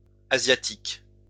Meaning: plural of asiatique
- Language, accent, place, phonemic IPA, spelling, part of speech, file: French, France, Lyon, /a.zja.tik/, asiatiques, adjective, LL-Q150 (fra)-asiatiques.wav